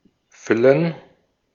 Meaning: 1. to fill 2. to stuff
- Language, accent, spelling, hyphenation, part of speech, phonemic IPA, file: German, Austria, füllen, fül‧len, verb, /ˈfʏlən/, De-at-füllen.ogg